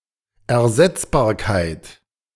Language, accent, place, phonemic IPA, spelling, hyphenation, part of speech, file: German, Germany, Berlin, /ɛɐ̯ˈzɛt͡sbaːɐ̯kaɪ̯t/, Ersetzbarkeit, Er‧setz‧bar‧keit, noun, De-Ersetzbarkeit.ogg
- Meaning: replaceability